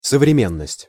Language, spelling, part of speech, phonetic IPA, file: Russian, современность, noun, [səvrʲɪˈmʲenːəsʲtʲ], Ru-современность.ogg
- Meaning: the present (times), modernity, contemporaneity